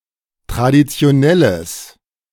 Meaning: strong/mixed nominative/accusative neuter singular of traditionell
- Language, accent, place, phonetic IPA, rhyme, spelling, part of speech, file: German, Germany, Berlin, [tʁadit͡si̯oˈnɛləs], -ɛləs, traditionelles, adjective, De-traditionelles.ogg